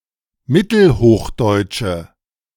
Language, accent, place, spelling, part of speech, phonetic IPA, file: German, Germany, Berlin, mittelhochdeutsche, adjective, [ˈmɪtl̩ˌhoːxdɔɪ̯tʃə], De-mittelhochdeutsche.ogg
- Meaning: inflection of mittelhochdeutsch: 1. strong/mixed nominative/accusative feminine singular 2. strong nominative/accusative plural 3. weak nominative all-gender singular